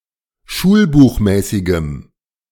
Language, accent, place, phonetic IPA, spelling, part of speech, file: German, Germany, Berlin, [ˈʃuːlbuːxˌmɛːsɪɡəm], schulbuchmäßigem, adjective, De-schulbuchmäßigem.ogg
- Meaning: strong dative masculine/neuter singular of schulbuchmäßig